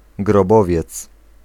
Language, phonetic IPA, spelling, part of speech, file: Polish, [ɡrɔˈbɔvʲjɛt͡s], grobowiec, noun, Pl-grobowiec.ogg